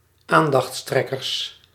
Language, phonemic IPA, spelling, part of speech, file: Dutch, /ˈandɑxˌtrɛkərs/, aandachttrekkers, noun, Nl-aandachttrekkers.ogg
- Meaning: plural of aandachttrekker